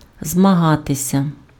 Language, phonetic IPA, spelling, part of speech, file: Ukrainian, [zmɐˈɦatesʲɐ], змагатися, verb, Uk-змагатися.ogg
- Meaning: to compete, to contend, to vie